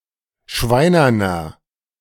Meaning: inflection of schweinern: 1. strong/mixed nominative masculine singular 2. strong genitive/dative feminine singular 3. strong genitive plural
- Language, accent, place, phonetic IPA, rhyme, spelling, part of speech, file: German, Germany, Berlin, [ˈʃvaɪ̯nɐnɐ], -aɪ̯nɐnɐ, schweinerner, adjective, De-schweinerner.ogg